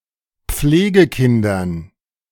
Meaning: dative plural of Pflegekind
- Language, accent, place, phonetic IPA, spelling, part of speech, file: German, Germany, Berlin, [ˈp͡fleːɡəˌkɪndɐn], Pflegekindern, noun, De-Pflegekindern.ogg